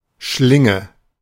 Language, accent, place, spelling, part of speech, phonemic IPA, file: German, Germany, Berlin, Schlinge, noun, /ˈʃlɪŋə/, De-Schlinge.ogg
- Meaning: 1. loop, noose (rope or similar material fashioned into or forming a loop, typically small to mid-sized) 2. snare (trap using a loop) 3. sling (bandage for the arm) 4. sling (instrument for throwing)